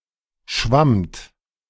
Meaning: second-person plural preterite of schwimmen
- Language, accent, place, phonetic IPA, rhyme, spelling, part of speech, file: German, Germany, Berlin, [ʃvamt], -amt, schwammt, verb, De-schwammt.ogg